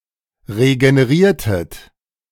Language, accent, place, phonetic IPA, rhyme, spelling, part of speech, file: German, Germany, Berlin, [ʁeɡəneˈʁiːɐ̯tət], -iːɐ̯tət, regeneriertet, verb, De-regeneriertet.ogg
- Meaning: inflection of regenerieren: 1. second-person plural preterite 2. second-person plural subjunctive II